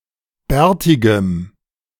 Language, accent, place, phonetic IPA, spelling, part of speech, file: German, Germany, Berlin, [ˈbɛːɐ̯tɪɡəm], bärtigem, adjective, De-bärtigem.ogg
- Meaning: strong dative masculine/neuter singular of bärtig